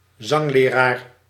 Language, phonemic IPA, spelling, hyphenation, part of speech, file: Dutch, /ˈzɑŋ.leːˌraːr/, zangleraar, zang‧le‧raar, noun, Nl-zangleraar.ogg
- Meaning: a singing coach, a singing instructor